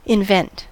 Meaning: 1. To design a new process or mechanism 2. To create something fictional for a particular purpose 3. To come upon; to find; to discover
- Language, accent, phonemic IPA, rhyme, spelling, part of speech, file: English, General American, /ɪnˈvɛnt/, -ɛnt, invent, verb, En-us-invent.ogg